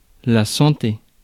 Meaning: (noun) health; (interjection) cheers! (as said when drinking)
- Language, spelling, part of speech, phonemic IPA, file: French, santé, noun / interjection, /sɑ̃.te/, Fr-santé.ogg